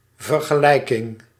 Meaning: 1. comparison 2. equation
- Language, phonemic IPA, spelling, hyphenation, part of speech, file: Dutch, /vər.ɣəˈlɛi̯.kɪŋ/, vergelijking, ver‧ge‧lij‧king, noun, Nl-vergelijking.ogg